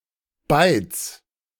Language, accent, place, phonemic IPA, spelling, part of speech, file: German, Germany, Berlin, /baɪ̯t͡s/, Bytes, noun, De-Bytes.ogg
- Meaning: 1. genitive singular of Byte 2. plural of Byte